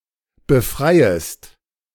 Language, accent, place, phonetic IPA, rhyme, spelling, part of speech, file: German, Germany, Berlin, [bəˈfʁaɪ̯əst], -aɪ̯əst, befreiest, verb, De-befreiest.ogg
- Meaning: second-person singular subjunctive I of befreien